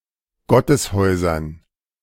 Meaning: dative plural of Gotteshaus
- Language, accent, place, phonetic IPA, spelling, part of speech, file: German, Germany, Berlin, [ˈɡɔtəsˌhɔɪ̯zɐn], Gotteshäusern, noun, De-Gotteshäusern.ogg